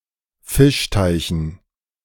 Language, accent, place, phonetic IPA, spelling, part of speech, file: German, Germany, Berlin, [ˈfɪʃˌtaɪ̯çn̩], Fischteichen, noun, De-Fischteichen.ogg
- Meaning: dative plural of Fischteich